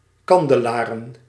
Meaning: plural of kandelaar
- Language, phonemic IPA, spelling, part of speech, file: Dutch, /ˈkɑndəˌlarə(n)/, kandelaren, verb / noun, Nl-kandelaren.ogg